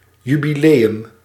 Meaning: jubilee, anniversary
- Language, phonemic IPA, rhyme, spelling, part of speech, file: Dutch, /ˌjy.biˈleː.ʏm/, -eːʏm, jubileum, noun, Nl-jubileum.ogg